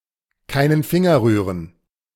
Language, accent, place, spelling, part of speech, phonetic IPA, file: German, Germany, Berlin, keinen Finger rühren, phrase, [kaɪ̯nən ˈfɪŋɐ ˌʁyːʁən], De-keinen Finger rühren.ogg
- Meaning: to not lift a finger